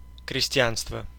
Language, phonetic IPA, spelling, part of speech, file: Russian, [krʲɪsʲˈtʲjanstvə], крестьянство, noun, Ru-крестьянство.ogg
- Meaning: peasantry